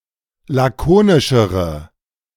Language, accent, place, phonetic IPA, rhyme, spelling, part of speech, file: German, Germany, Berlin, [ˌlaˈkoːnɪʃəʁə], -oːnɪʃəʁə, lakonischere, adjective, De-lakonischere.ogg
- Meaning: inflection of lakonisch: 1. strong/mixed nominative/accusative feminine singular comparative degree 2. strong nominative/accusative plural comparative degree